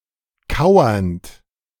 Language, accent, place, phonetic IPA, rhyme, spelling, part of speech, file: German, Germany, Berlin, [ˈkaʊ̯ɐnt], -aʊ̯ɐnt, kauernd, verb, De-kauernd.ogg
- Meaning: present participle of kauern